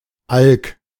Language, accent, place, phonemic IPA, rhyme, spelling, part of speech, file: German, Germany, Berlin, /alk/, -alk, Alk, noun, De-Alk.ogg
- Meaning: 1. auk, any bird of the family Alcidae 2. alcohol (especially in the sense of “alcoholic drink”)